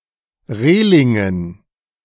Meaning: dative plural of Reling
- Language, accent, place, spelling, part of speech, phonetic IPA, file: German, Germany, Berlin, Relingen, noun, [ˈʁeːlɪŋən], De-Relingen.ogg